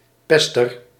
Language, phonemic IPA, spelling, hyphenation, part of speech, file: Dutch, /ˈpɛs.tər/, pester, pes‧ter, noun, Nl-pester.ogg
- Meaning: a bully (person who bullies or pesters somebody)